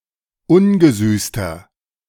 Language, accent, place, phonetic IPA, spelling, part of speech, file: German, Germany, Berlin, [ˈʊnɡəˌzyːstɐ], ungesüßter, adjective, De-ungesüßter.ogg
- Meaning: inflection of ungesüßt: 1. strong/mixed nominative masculine singular 2. strong genitive/dative feminine singular 3. strong genitive plural